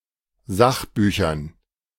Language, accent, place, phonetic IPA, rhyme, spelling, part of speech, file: German, Germany, Berlin, [ˈzaxˌbyːçɐn], -axbyːçɐn, Sachbüchern, noun, De-Sachbüchern.ogg
- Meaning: dative plural of Sachbuch